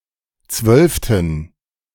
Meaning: inflection of zwölfte: 1. strong genitive masculine/neuter singular 2. weak/mixed genitive/dative all-gender singular 3. strong/weak/mixed accusative masculine singular 4. strong dative plural
- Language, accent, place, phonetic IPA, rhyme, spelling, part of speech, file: German, Germany, Berlin, [ˈt͡svœlftn̩], -œlftn̩, zwölften, adjective, De-zwölften.ogg